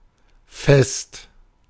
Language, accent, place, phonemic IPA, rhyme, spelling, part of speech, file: German, Germany, Berlin, /fɛst/, -ɛst, Fest, noun, De-Fest.ogg
- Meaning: feast, celebration, festival, party